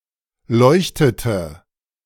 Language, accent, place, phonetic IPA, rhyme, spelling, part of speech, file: German, Germany, Berlin, [ˈlɔɪ̯çtətə], -ɔɪ̯çtətə, leuchtete, verb, De-leuchtete.ogg
- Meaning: inflection of leuchten: 1. first/third-person singular preterite 2. first/third-person singular subjunctive II